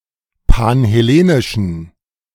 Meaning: inflection of panhellenisch: 1. strong genitive masculine/neuter singular 2. weak/mixed genitive/dative all-gender singular 3. strong/weak/mixed accusative masculine singular 4. strong dative plural
- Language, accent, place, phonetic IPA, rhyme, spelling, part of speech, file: German, Germany, Berlin, [panhɛˈleːnɪʃn̩], -eːnɪʃn̩, panhellenischen, adjective, De-panhellenischen.ogg